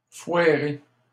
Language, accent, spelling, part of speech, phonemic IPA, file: French, Canada, foirer, verb, /fwa.ʁe/, LL-Q150 (fra)-foirer.wav
- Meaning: to screw up, mess up